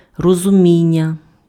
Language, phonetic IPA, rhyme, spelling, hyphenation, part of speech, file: Ukrainian, [rɔzʊˈmʲinʲːɐ], -inʲːɐ, розуміння, ро‧зу‧мі‧н‧ня, noun, Uk-розуміння.ogg
- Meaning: 1. verbal noun of розумі́ти impf (rozumíty) and розумі́тися impf (rozumítysja) 2. understanding, comprehension, apprehension 3. conception, sense